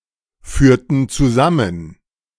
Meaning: inflection of zusammenführen: 1. first/third-person plural preterite 2. first/third-person plural subjunctive II
- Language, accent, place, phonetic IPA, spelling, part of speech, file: German, Germany, Berlin, [ˌfyːɐ̯tn̩ t͡suˈzamən], führten zusammen, verb, De-führten zusammen.ogg